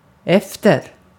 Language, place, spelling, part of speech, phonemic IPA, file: Swedish, Gotland, efter, adjective / adverb / preposition, /ˈɛftɛr/, Sv-efter.ogg
- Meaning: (adjective) slow (from notion of behind others); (adverb) after; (preposition) 1. after; subsequent; later in time than or later in a sequence than 2. for (seeking, in pursuit of)